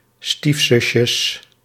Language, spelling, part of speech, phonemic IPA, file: Dutch, stiefzusjes, noun, /ˈstifsʏʃəs/, Nl-stiefzusjes.ogg
- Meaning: plural of stiefzusje